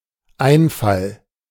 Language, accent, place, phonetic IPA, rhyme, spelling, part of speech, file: German, Germany, Berlin, [ˈaɪ̯nˌfal], -aɪ̯nfal, Einfall, noun, De-Einfall.ogg
- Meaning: 1. idea 2. invasion, inroad